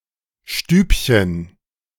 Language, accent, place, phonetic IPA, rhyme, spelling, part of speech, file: German, Germany, Berlin, [ˈʃtyːpçən], -yːpçən, Stübchen, noun, De-Stübchen.ogg
- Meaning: diminutive of Stube